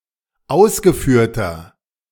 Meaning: inflection of ausgeführt: 1. strong/mixed nominative masculine singular 2. strong genitive/dative feminine singular 3. strong genitive plural
- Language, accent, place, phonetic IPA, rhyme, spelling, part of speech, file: German, Germany, Berlin, [ˈaʊ̯sɡəˌfyːɐ̯tɐ], -aʊ̯sɡəfyːɐ̯tɐ, ausgeführter, adjective, De-ausgeführter.ogg